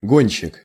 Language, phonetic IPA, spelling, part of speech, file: Russian, [ˈɡonʲɕːɪk], гонщик, noun, Ru-гонщик.ogg
- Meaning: racer